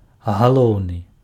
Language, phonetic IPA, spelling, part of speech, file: Belarusian, [ɣaˈɫou̯nɨ], галоўны, adjective, Be-галоўны.ogg
- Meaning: main, principal